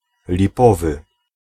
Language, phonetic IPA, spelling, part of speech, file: Polish, [lʲiˈpɔvɨ], lipowy, adjective, Pl-lipowy.ogg